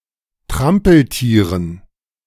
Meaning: dative plural of Trampeltier
- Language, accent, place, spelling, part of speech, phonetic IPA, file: German, Germany, Berlin, Trampeltieren, noun, [ˈtʁampl̩ˌtiːʁən], De-Trampeltieren.ogg